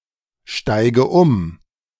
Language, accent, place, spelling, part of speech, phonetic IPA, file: German, Germany, Berlin, steige um, verb, [ˌʃtaɪ̯ɡə ˈʊm], De-steige um.ogg
- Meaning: inflection of umsteigen: 1. first-person singular present 2. first/third-person singular subjunctive I 3. singular imperative